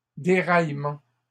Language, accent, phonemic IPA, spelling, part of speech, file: French, Canada, /de.ʁaj.mɑ̃/, déraillements, noun, LL-Q150 (fra)-déraillements.wav
- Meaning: plural of déraillement